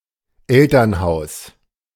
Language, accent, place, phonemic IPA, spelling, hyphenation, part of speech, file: German, Germany, Berlin, /ˈɛltɐnˌhaʊ̯s/, Elternhaus, El‧tern‧haus, noun, De-Elternhaus.ogg
- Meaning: parents' house